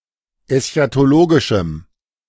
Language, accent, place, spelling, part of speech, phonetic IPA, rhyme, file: German, Germany, Berlin, eschatologischem, adjective, [ɛsçatoˈloːɡɪʃm̩], -oːɡɪʃm̩, De-eschatologischem.ogg
- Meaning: strong dative masculine/neuter singular of eschatologisch